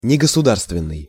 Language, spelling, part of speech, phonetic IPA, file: Russian, негосударственный, adjective, [nʲɪɡəsʊˈdarstvʲɪn(ː)ɨj], Ru-негосударственный.ogg
- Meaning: 1. nonstate 2. nongovernmental